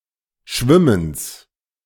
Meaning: genitive singular of Schwimmen
- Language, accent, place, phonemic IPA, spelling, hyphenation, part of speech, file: German, Germany, Berlin, /ˈʃvɪməns/, Schwimmens, Schwim‧mens, noun, De-Schwimmens.ogg